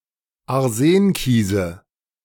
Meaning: nominative/accusative/genitive plural of Arsenkies
- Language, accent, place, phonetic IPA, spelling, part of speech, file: German, Germany, Berlin, [aʁˈzeːnˌkiːzə], Arsenkiese, noun, De-Arsenkiese.ogg